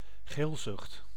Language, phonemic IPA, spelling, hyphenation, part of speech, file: Dutch, /ˈɣeːlzʏxt/, geelzucht, geel‧zucht, noun, Nl-geelzucht.ogg
- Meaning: jaundice